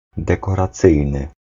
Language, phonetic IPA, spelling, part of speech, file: Polish, [ˌdɛkɔraˈt͡sɨjnɨ], dekoracyjny, adjective, Pl-dekoracyjny.ogg